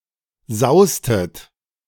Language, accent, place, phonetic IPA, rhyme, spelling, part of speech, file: German, Germany, Berlin, [ˈzaʊ̯stət], -aʊ̯stət, saustet, verb, De-saustet.ogg
- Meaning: inflection of sausen: 1. second-person plural preterite 2. second-person plural subjunctive II